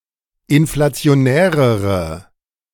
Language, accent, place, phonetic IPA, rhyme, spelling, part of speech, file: German, Germany, Berlin, [ɪnflat͡si̯oˈnɛːʁəʁə], -ɛːʁəʁə, inflationärere, adjective, De-inflationärere.ogg
- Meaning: inflection of inflationär: 1. strong/mixed nominative/accusative feminine singular comparative degree 2. strong nominative/accusative plural comparative degree